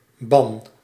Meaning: 1. excommunication, denunciation, shunning 2. anathema which is cast upon one who is excommunicated 3. magic spell 4. legal or feudal domain 5. public declaration 6. exile
- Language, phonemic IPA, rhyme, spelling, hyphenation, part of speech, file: Dutch, /bɑn/, -ɑn, ban, ban, noun, Nl-ban.ogg